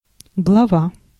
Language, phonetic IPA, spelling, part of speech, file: Russian, [ɡɫɐˈva], глава, noun, Ru-глава.ogg
- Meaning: 1. head, top, summit 2. cupola, dome 3. chapter, section (of a book) 4. chief (on a shield) 5. head, chief (title)